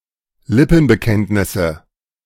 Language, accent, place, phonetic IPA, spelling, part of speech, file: German, Germany, Berlin, [ˈlɪpn̩bəˌkɛntnɪsə], Lippenbekenntnisse, noun, De-Lippenbekenntnisse.ogg
- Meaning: nominative/accusative/genitive plural of Lippenbekenntnis